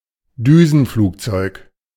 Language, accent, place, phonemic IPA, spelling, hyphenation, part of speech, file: German, Germany, Berlin, /ˈdyːzn̩ˌfluːkt͡sɔɪ̯k/, Düsenflugzeug, Dü‧sen‧flug‧zeug, noun, De-Düsenflugzeug.ogg
- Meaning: jet plane